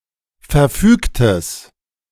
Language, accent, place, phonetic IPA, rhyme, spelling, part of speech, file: German, Germany, Berlin, [fɛɐ̯ˈfyːktəs], -yːktəs, verfügtes, adjective, De-verfügtes.ogg
- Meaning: strong/mixed nominative/accusative neuter singular of verfügt